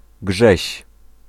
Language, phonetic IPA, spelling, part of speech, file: Polish, [ɡʒɛɕ], Grześ, proper noun, Pl-Grześ.ogg